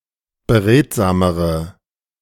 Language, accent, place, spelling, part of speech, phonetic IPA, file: German, Germany, Berlin, beredsamere, adjective, [bəˈʁeːtzaːməʁə], De-beredsamere.ogg
- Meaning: inflection of beredsam: 1. strong/mixed nominative/accusative feminine singular comparative degree 2. strong nominative/accusative plural comparative degree